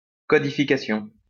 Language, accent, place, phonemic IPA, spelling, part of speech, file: French, France, Lyon, /kɔ.di.fi.ka.sjɔ̃/, codification, noun, LL-Q150 (fra)-codification.wav
- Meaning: codification